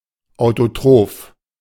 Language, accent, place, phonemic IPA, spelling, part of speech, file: German, Germany, Berlin, /ˌaʊ̯toˈtʁoːf/, autotroph, adjective, De-autotroph.ogg
- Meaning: autotrophic